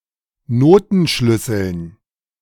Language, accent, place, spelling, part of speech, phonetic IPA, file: German, Germany, Berlin, Notenschlüsseln, noun, [ˈnoːtn̩ˌʃlʏsl̩n], De-Notenschlüsseln.ogg
- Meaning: dative plural of Notenschlüssel